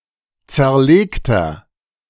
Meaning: inflection of zerlegt: 1. strong/mixed nominative masculine singular 2. strong genitive/dative feminine singular 3. strong genitive plural
- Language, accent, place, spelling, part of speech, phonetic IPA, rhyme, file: German, Germany, Berlin, zerlegter, adjective, [ˌt͡sɛɐ̯ˈleːktɐ], -eːktɐ, De-zerlegter.ogg